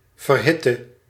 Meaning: inflection of verhitten: 1. singular past indicative 2. singular past/present subjunctive
- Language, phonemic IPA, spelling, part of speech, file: Dutch, /vərˈhɪtə/, verhitte, verb / adjective, Nl-verhitte.ogg